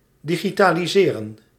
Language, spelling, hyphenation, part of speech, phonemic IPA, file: Dutch, digitaliseren, di‧gi‧ta‧li‧se‧ren, verb, /ˌdiɣitaːliˈzeːrə(n)/, Nl-digitaliseren.ogg
- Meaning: to digitalize/digitalise